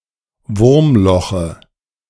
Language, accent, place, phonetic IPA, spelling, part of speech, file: German, Germany, Berlin, [ˈvʊʁmˌlɔxə], Wurmloche, noun, De-Wurmloche.ogg
- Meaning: dative of Wurmloch